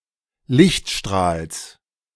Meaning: genitive singular of Lichtstrahl
- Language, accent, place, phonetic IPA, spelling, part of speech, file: German, Germany, Berlin, [ˈlɪçtˌʃtʁaːls], Lichtstrahls, noun, De-Lichtstrahls.ogg